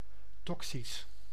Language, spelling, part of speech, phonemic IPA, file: Dutch, toxisch, adjective, /ˈtɔksis/, Nl-toxisch.ogg
- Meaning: toxic